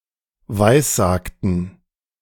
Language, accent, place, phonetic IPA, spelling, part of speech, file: German, Germany, Berlin, [ˈvaɪ̯sˌzaːktn̩], weissagten, verb, De-weissagten.ogg
- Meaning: inflection of weissagen: 1. first/third-person plural preterite 2. first/third-person plural subjunctive II